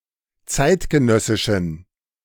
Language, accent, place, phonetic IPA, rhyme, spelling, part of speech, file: German, Germany, Berlin, [ˈt͡saɪ̯tɡəˌnœsɪʃn̩], -aɪ̯tɡənœsɪʃn̩, zeitgenössischen, adjective, De-zeitgenössischen.ogg
- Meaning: inflection of zeitgenössisch: 1. strong genitive masculine/neuter singular 2. weak/mixed genitive/dative all-gender singular 3. strong/weak/mixed accusative masculine singular 4. strong dative plural